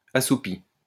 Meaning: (verb) past participle of assoupir; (adjective) 1. drowsing, half-asleep 2. dull (of a noise); numbed (of senses etc.)
- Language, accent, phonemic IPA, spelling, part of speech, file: French, France, /a.su.pi/, assoupi, verb / adjective, LL-Q150 (fra)-assoupi.wav